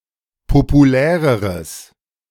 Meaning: strong/mixed nominative/accusative neuter singular comparative degree of populär
- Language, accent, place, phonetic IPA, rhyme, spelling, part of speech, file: German, Germany, Berlin, [popuˈlɛːʁəʁəs], -ɛːʁəʁəs, populäreres, adjective, De-populäreres.ogg